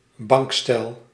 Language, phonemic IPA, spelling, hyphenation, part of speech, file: Dutch, /ˈbɑŋk.stɛl/, bankstel, bank‧stel, noun, Nl-bankstel.ogg
- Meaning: a lounge suite